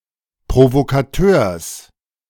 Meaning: genitive singular of Provokateur
- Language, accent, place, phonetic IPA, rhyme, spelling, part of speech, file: German, Germany, Berlin, [pʁovokaˈtøːɐ̯s], -øːɐ̯s, Provokateurs, noun, De-Provokateurs.ogg